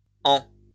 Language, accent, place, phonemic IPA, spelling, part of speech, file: French, France, Lyon, /ɑ̃/, en-, prefix, LL-Q150 (fra)-en-.wav
- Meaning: 1. en- (all meanings) 2. away, from, off, reversal